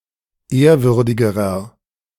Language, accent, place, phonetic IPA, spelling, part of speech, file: German, Germany, Berlin, [ˈeːɐ̯ˌvʏʁdɪɡəʁɐ], ehrwürdigerer, adjective, De-ehrwürdigerer.ogg
- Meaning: inflection of ehrwürdig: 1. strong/mixed nominative masculine singular comparative degree 2. strong genitive/dative feminine singular comparative degree 3. strong genitive plural comparative degree